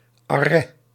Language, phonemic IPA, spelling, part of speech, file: Dutch, /ɑˈrɛː/, arrè, interjection, Nl-arrè.ogg
- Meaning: exclamation used for emphasis, when giving something to someone, commenting etc